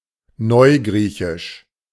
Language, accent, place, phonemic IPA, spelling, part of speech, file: German, Germany, Berlin, /ˈnɔɪ̯ɡʁiːçɪʃ/, neugriechisch, adjective, De-neugriechisch.ogg
- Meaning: Modern Greek